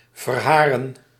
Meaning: to shed hair, to moult (of hairs)
- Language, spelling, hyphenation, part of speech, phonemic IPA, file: Dutch, verharen, ver‧ha‧ren, verb, /vərˈɦaː.rə(n)/, Nl-verharen.ogg